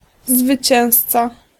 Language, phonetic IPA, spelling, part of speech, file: Polish, [zvɨˈt͡ɕɛ̃w̃st͡sa], zwycięzca, noun, Pl-zwycięzca.ogg